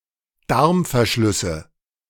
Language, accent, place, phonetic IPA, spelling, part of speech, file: German, Germany, Berlin, [ˈdaʁmfɛɐ̯ˌʃlʏsə], Darmverschlüsse, noun, De-Darmverschlüsse.ogg
- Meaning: nominative/accusative/genitive plural of Darmverschluss